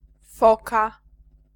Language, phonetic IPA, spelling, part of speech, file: Polish, [ˈfɔka], foka, noun, Pl-foka.ogg